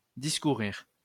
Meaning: to talk, discourse, hold forth
- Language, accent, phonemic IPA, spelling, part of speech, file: French, France, /dis.ku.ʁiʁ/, discourir, verb, LL-Q150 (fra)-discourir.wav